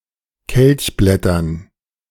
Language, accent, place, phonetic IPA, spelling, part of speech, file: German, Germany, Berlin, [ˈkɛlçˌblɛtɐn], Kelchblättern, noun, De-Kelchblättern.ogg
- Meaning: dative plural of Kelchblatt